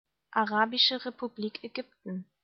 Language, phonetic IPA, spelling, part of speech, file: German, [aˈʁaːbɪʃə ʁepuˈbliːk ɛˈɡʏptn̩], Arabische Republik Ägypten, phrase, De-Arabische Republik Ägypten.ogg
- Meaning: Arab Republic of Egypt (official name of Egypt: a country in North Africa and West Asia)